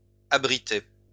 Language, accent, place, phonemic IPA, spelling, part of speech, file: French, France, Lyon, /a.bʁi.tɛ/, abritais, verb, LL-Q150 (fra)-abritais.wav
- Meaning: first/second-person singular imperfect indicative of abriter